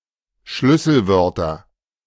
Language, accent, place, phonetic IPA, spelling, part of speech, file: German, Germany, Berlin, [ˈʃlʏsl̩ˌvœʁtɐ], Schlüsselwörter, noun, De-Schlüsselwörter.ogg
- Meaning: nominative/accusative/genitive plural of Schlüsselwort